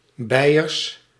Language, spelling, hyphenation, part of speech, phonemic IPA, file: Dutch, Beiers, Bei‧ers, adjective / proper noun, /ˈbɛi̯ərs/, Nl-Beiers.ogg
- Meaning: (adjective) Bavarian, in, from or relating to Bavaria, its Germanic people and culture; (proper noun) the (High) German dialect group Bavarian, spoken in Bavaria